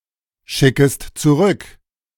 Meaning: second-person singular subjunctive I of zurückschicken
- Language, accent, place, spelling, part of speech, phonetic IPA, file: German, Germany, Berlin, schickest zurück, verb, [ˌʃɪkəst t͡suˈʁʏk], De-schickest zurück.ogg